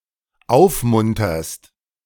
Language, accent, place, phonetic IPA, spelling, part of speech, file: German, Germany, Berlin, [ˈaʊ̯fˌmʊntɐst], aufmunterst, verb, De-aufmunterst.ogg
- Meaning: second-person singular dependent present of aufmuntern